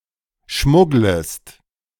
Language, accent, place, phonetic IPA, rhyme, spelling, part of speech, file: German, Germany, Berlin, [ˈʃmʊɡləst], -ʊɡləst, schmugglest, verb, De-schmugglest.ogg
- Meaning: second-person singular subjunctive I of schmuggeln